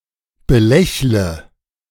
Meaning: inflection of belächeln: 1. first-person singular present 2. first/third-person singular subjunctive I 3. singular imperative
- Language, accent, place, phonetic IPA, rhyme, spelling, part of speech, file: German, Germany, Berlin, [bəˈlɛçlə], -ɛçlə, belächle, verb, De-belächle.ogg